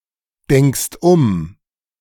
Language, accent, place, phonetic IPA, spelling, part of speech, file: German, Germany, Berlin, [ˌdɛŋkst ˈʊm], denkst um, verb, De-denkst um.ogg
- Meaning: second-person singular present of umdenken